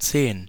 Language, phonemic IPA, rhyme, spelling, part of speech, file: German, /t͡seːn/, -eːn, zehn, numeral, De-zehn.ogg
- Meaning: ten (numerical value represented in Arabic numerals as 10)